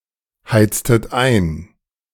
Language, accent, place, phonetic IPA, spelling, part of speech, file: German, Germany, Berlin, [ˌhaɪ̯t͡stət ˈaɪ̯n], heiztet ein, verb, De-heiztet ein.ogg
- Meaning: inflection of einheizen: 1. second-person plural preterite 2. second-person plural subjunctive II